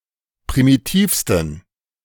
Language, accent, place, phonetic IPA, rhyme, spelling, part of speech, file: German, Germany, Berlin, [pʁimiˈtiːfstn̩], -iːfstn̩, primitivsten, adjective, De-primitivsten.ogg
- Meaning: 1. superlative degree of primitiv 2. inflection of primitiv: strong genitive masculine/neuter singular superlative degree